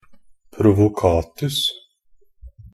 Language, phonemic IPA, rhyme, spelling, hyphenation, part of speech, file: Norwegian Bokmål, /prʊʋʊˈkɑːtʉs/, -ʉs, provocatus, pro‧vo‧cat‧us, adverb, NB - Pronunciation of Norwegian Bokmål «provocatus».ogg
- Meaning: only used in abortus provocatus (“induced abortion”)